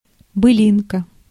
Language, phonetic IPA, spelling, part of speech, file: Russian, [bɨˈlʲinkə], былинка, noun, Ru-былинка.ogg
- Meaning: 1. a blade of grass 2. diminutive of были́на (bylína): bylina